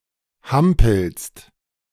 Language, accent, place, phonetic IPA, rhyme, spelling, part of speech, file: German, Germany, Berlin, [ˈhampl̩st], -ampl̩st, hampelst, verb, De-hampelst.ogg
- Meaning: second-person singular present of hampeln